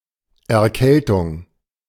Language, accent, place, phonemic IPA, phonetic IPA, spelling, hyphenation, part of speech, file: German, Germany, Berlin, /ɛrˈkɛltʊŋ/, [ʔɛɐ̯ˈkʰɛltʰʊŋ], Erkältung, Er‧käl‧tung, noun, De-Erkältung.ogg
- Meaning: cold (illness)